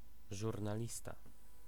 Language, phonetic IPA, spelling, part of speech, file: Polish, [ˌʒurnaˈlʲista], żurnalista, noun, Pl-żurnalista.ogg